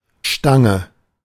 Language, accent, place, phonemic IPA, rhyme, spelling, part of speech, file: German, Germany, Berlin, /ˈʃtaŋə/, -aŋə, Stange, noun, De-Stange.ogg
- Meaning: 1. pole; bar; rod; post (a long stick, usually round and of metal, but also of other material, especially when fixed somewhere) 2. small straight glass for beer (especially Kölsch)